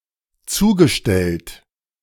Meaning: past participle of zustellen
- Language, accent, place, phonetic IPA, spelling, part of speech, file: German, Germany, Berlin, [ˈt͡suːɡəˌʃtɛlt], zugestellt, verb, De-zugestellt.ogg